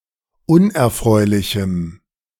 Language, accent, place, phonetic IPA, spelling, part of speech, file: German, Germany, Berlin, [ˈʊnʔɛɐ̯ˌfʁɔɪ̯lɪçm̩], unerfreulichem, adjective, De-unerfreulichem.ogg
- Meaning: strong dative masculine/neuter singular of unerfreulich